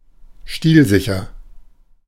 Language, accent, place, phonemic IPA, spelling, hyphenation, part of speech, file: German, Germany, Berlin, /ˈʃtiːlˌzɪçɐ/, stilsicher, stil‧si‧cher, adjective, De-stilsicher.ogg
- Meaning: stylish